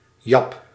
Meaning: alternative letter-case form of Jap
- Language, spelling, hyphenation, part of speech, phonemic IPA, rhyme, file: Dutch, jap, jap, noun, /jɑp/, -ɑp, Nl-jap.ogg